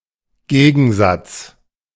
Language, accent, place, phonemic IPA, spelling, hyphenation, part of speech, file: German, Germany, Berlin, /ˈɡeːɡn̩zats/, Gegensatz, Ge‧gen‧satz, noun, De-Gegensatz.ogg
- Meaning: 1. opposition, antagonism 2. opposite 3. conflict, contradiction